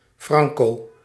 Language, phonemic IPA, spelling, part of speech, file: Dutch, /ˈfrɑŋko/, franco, adverb, Nl-franco.ogg
- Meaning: with freightages paid by the sender